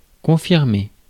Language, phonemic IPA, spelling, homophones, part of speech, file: French, /kɔ̃.fiʁ.me/, confirmer, confirmai / confirmé / confirmée / confirmées / confirmés / confirmez, verb, Fr-confirmer.ogg
- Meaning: 1. to confirm (a fact etc.) 2. to uphold (a decision) 3. to be confirmed, be corroborated